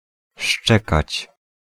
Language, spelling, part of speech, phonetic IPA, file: Polish, szczekać, verb, [ˈʃt͡ʃɛkat͡ɕ], Pl-szczekać.ogg